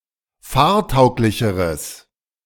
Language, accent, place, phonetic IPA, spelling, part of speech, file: German, Germany, Berlin, [ˈfaːɐ̯ˌtaʊ̯klɪçəʁəs], fahrtauglicheres, adjective, De-fahrtauglicheres.ogg
- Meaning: strong/mixed nominative/accusative neuter singular comparative degree of fahrtauglich